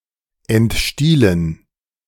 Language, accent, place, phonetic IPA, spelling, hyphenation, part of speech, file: German, Germany, Berlin, [ɛntˈʃtiːlən], entstielen, ent‧stie‧len, verb, De-entstielen.ogg
- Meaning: to destalk